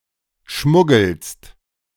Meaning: second-person singular present of schmuggeln
- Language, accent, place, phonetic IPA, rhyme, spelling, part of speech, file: German, Germany, Berlin, [ˈʃmʊɡl̩st], -ʊɡl̩st, schmuggelst, verb, De-schmuggelst.ogg